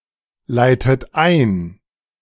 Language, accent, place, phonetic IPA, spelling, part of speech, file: German, Germany, Berlin, [ˌlaɪ̯tət ˈaɪ̯n], leitet ein, verb, De-leitet ein.ogg
- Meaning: inflection of einleiten: 1. second-person plural present 2. second-person plural subjunctive I 3. third-person singular present 4. plural imperative